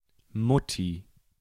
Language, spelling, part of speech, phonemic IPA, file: German, Mutti, noun / proper noun, /ˈmʊti/, De-Mutti.ogg
- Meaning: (noun) mom, mummy; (proper noun) a nickname for Angela Merkel